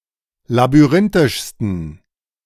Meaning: 1. superlative degree of labyrinthisch 2. inflection of labyrinthisch: strong genitive masculine/neuter singular superlative degree
- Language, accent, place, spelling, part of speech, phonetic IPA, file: German, Germany, Berlin, labyrinthischsten, adjective, [labyˈʁɪntɪʃstn̩], De-labyrinthischsten.ogg